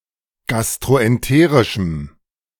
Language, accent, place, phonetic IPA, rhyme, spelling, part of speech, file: German, Germany, Berlin, [ˌɡastʁoʔɛnˈteːʁɪʃm̩], -eːʁɪʃm̩, gastroenterischem, adjective, De-gastroenterischem.ogg
- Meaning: strong dative masculine/neuter singular of gastroenterisch